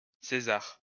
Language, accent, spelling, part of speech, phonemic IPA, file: French, France, César, proper noun, /se.zaʁ/, LL-Q150 (fra)-César.wav
- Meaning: 1. Caesar (family name) 2. Caesar (Julius Caesar) 3. Caesar (any Roman emperor) 4. a male given name, equivalent to English Cesar 5. a surname